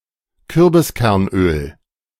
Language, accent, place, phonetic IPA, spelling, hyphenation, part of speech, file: German, Germany, Berlin, [ˈkʏʁbɪskɛʁnˌʔøːl], Kürbiskernöl, Kür‧bis‧kern‧öl, noun, De-Kürbiskernöl.ogg
- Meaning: pumpkin seed oil